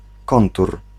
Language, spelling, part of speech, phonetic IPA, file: Polish, kontur, noun, [ˈkɔ̃ntur], Pl-kontur.ogg